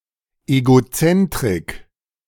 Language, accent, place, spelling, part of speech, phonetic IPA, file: German, Germany, Berlin, Egozentrik, noun, [eɡoˈt͡sɛntʁɪk], De-Egozentrik.ogg
- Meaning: egocentricity, egocentrism